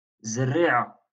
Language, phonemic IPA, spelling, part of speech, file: Moroccan Arabic, /zar.riː.ʕa/, زريعة, noun, LL-Q56426 (ary)-زريعة.wav
- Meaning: seed